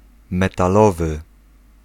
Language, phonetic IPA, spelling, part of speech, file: Polish, [ˌmɛtaˈlɔvɨ], metalowy, adjective, Pl-metalowy.ogg